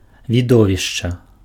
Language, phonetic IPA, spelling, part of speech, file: Belarusian, [vʲiˈdovʲiʂt͡ʂa], відовішча, noun, Be-відовішча.ogg
- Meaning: spectacle, show, game